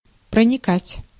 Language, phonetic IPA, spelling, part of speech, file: Russian, [prənʲɪˈkatʲ], проникать, verb, Ru-проникать.ogg
- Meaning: 1. to penetrate 2. to permeate 3. to infiltrate 4. to perforate